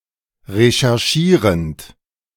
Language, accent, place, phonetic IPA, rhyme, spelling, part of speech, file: German, Germany, Berlin, [ʁeʃɛʁˈʃiːʁənt], -iːʁənt, recherchierend, verb, De-recherchierend.ogg
- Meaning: present participle of recherchieren